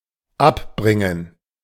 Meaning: to dissuade, discourage, put/throw off course
- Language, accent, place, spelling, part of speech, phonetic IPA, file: German, Germany, Berlin, abbringen, verb, [ˈapˌbʁɪŋən], De-abbringen.ogg